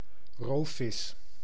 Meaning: predatory fish
- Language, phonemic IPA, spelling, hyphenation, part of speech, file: Dutch, /ˈroː.fɪs/, roofvis, roof‧vis, noun, Nl-roofvis.ogg